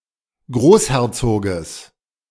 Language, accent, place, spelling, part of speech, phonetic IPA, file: German, Germany, Berlin, Großherzoges, noun, [ˈɡʁoːsˌhɛʁt͡soːɡəs], De-Großherzoges.ogg
- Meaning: genitive singular of Großherzog